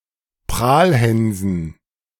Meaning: dative plural of Prahlhans
- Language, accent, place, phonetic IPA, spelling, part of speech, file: German, Germany, Berlin, [ˈpʁaːlˌhɛnzn̩], Prahlhänsen, noun, De-Prahlhänsen.ogg